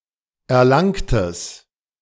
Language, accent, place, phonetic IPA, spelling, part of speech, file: German, Germany, Berlin, [ɛɐ̯ˈlaŋtəs], erlangtes, adjective, De-erlangtes.ogg
- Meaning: strong/mixed nominative/accusative neuter singular of erlangt